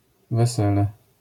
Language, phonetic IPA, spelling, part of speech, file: Polish, [vɛˈsɛlɛ], wesele, noun, LL-Q809 (pol)-wesele.wav